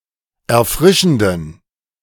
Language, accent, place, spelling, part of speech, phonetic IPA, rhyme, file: German, Germany, Berlin, erfrischenden, adjective, [ɛɐ̯ˈfʁɪʃn̩dən], -ɪʃn̩dən, De-erfrischenden.ogg
- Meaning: inflection of erfrischend: 1. strong genitive masculine/neuter singular 2. weak/mixed genitive/dative all-gender singular 3. strong/weak/mixed accusative masculine singular 4. strong dative plural